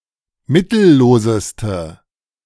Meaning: inflection of mittellos: 1. strong/mixed nominative/accusative feminine singular superlative degree 2. strong nominative/accusative plural superlative degree
- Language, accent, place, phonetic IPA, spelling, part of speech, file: German, Germany, Berlin, [ˈmɪtl̩ˌloːzəstə], mittelloseste, adjective, De-mittelloseste.ogg